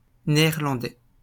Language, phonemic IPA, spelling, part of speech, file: French, /ne.ɛʁ.lɑ̃.dɛ/, Néerlandais, noun, LL-Q150 (fra)-Néerlandais.wav
- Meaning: Dutchman